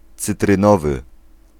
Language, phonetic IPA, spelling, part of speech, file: Polish, [ˌt͡sɨtrɨ̃ˈnɔvɨ], cytrynowy, adjective, Pl-cytrynowy.ogg